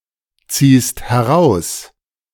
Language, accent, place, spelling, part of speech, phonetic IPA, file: German, Germany, Berlin, ziehst heraus, verb, [ˌt͡siːst hɛˈʁaʊ̯s], De-ziehst heraus.ogg
- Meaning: second-person singular present of herausziehen